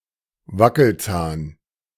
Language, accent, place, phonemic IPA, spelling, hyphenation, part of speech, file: German, Germany, Berlin, /ˈvakl̩ˌt͡saːn/, Wackelzahn, Wa‧ckel‧zahn, noun, De-Wackelzahn.ogg
- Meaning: loose tooth, wobbly tooth